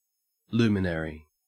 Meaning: 1. One who is an inspiration to others; one who has achieved success in one's chosen field; a leading light 2. A body that gives light; especially, one of the heavenly bodies
- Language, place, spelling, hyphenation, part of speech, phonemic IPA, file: English, Queensland, luminary, lu‧min‧a‧ry, noun, /ˈlʉːmɪn(ə)ɹi/, En-au-luminary.ogg